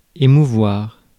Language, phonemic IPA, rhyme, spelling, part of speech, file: French, /e.mu.vwaʁ/, -waʁ, émouvoir, verb, Fr-émouvoir.ogg
- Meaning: to move emotionally; to touch